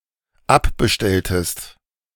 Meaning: inflection of abbestellen: 1. second-person singular dependent preterite 2. second-person singular dependent subjunctive II
- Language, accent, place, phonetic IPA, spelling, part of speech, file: German, Germany, Berlin, [ˈapbəˌʃtɛltəst], abbestelltest, verb, De-abbestelltest.ogg